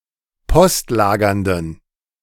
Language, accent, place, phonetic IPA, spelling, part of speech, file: German, Germany, Berlin, [ˈpɔstˌlaːɡɐndn̩], postlagernden, adjective, De-postlagernden.ogg
- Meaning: inflection of postlagernd: 1. strong genitive masculine/neuter singular 2. weak/mixed genitive/dative all-gender singular 3. strong/weak/mixed accusative masculine singular 4. strong dative plural